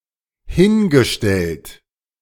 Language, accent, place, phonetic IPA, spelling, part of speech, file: German, Germany, Berlin, [ˈhɪnɡəˌʃtɛlt], hingestellt, verb, De-hingestellt.ogg
- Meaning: past participle of hinstellen